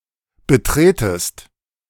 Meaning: second-person singular subjunctive I of betreten
- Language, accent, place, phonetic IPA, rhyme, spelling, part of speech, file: German, Germany, Berlin, [bəˈtʁeːtəst], -eːtəst, betretest, verb, De-betretest.ogg